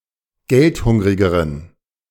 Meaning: inflection of geldhungrig: 1. strong genitive masculine/neuter singular comparative degree 2. weak/mixed genitive/dative all-gender singular comparative degree
- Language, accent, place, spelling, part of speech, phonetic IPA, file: German, Germany, Berlin, geldhungrigeren, adjective, [ˈɡɛltˌhʊŋʁɪɡəʁən], De-geldhungrigeren.ogg